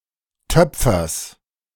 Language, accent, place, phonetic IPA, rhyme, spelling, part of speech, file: German, Germany, Berlin, [ˈtœp͡fɐs], -œp͡fɐs, Töpfers, noun, De-Töpfers.ogg
- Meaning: genitive singular of Töpfer